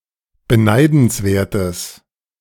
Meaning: strong/mixed nominative/accusative neuter singular of beneidenswert
- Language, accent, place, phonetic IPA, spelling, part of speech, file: German, Germany, Berlin, [bəˈnaɪ̯dn̩sˌveːɐ̯təs], beneidenswertes, adjective, De-beneidenswertes.ogg